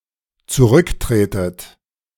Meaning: inflection of zurücktreten: 1. second-person plural dependent present 2. second-person plural dependent subjunctive I
- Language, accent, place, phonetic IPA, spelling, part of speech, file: German, Germany, Berlin, [t͡suˈʁʏkˌtʁeːtət], zurücktretet, verb, De-zurücktretet.ogg